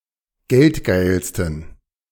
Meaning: 1. superlative degree of geldgeil 2. inflection of geldgeil: strong genitive masculine/neuter singular superlative degree
- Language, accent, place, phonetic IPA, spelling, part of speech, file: German, Germany, Berlin, [ˈɡɛltˌɡaɪ̯lstn̩], geldgeilsten, adjective, De-geldgeilsten.ogg